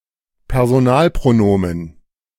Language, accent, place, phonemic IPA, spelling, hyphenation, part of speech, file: German, Germany, Berlin, /pɛʁzoˈnaːlpʀoˌnoːmən/, Personalpronomen, Per‧so‧nal‧pro‧no‧men, noun, De-Personalpronomen.ogg
- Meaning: personal pronoun